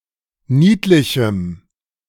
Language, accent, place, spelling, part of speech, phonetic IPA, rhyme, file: German, Germany, Berlin, niedlichem, adjective, [ˈniːtlɪçm̩], -iːtlɪçm̩, De-niedlichem.ogg
- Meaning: strong dative masculine/neuter singular of niedlich